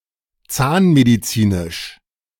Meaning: dental
- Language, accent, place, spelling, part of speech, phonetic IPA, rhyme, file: German, Germany, Berlin, zahnmedizinisch, adjective, [ˈt͡saːnmediˌt͡siːnɪʃ], -aːnmedit͡siːnɪʃ, De-zahnmedizinisch.ogg